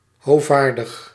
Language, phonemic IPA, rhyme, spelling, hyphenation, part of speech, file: Dutch, /ɦoːˈvaːr.dəx/, -aːrdəx, hovaardig, ho‧vaar‧dig, adjective, Nl-hovaardig.ogg
- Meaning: haughty, arrogant